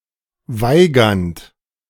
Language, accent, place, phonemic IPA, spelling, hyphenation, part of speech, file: German, Germany, Berlin, /ˈvaɪ̯ˌɡant/, Weigand, Wei‧gand, noun, De-Weigand.ogg
- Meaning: heroic fighter